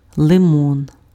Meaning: lemon
- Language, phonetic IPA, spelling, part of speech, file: Ukrainian, [ɫeˈmɔn], лимон, noun, Uk-лимон.ogg